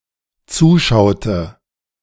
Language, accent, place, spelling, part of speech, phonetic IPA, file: German, Germany, Berlin, zuschaute, verb, [ˈt͡suːˌʃaʊ̯tə], De-zuschaute.ogg
- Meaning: inflection of zuschauen: 1. first/third-person singular dependent preterite 2. first/third-person singular dependent subjunctive II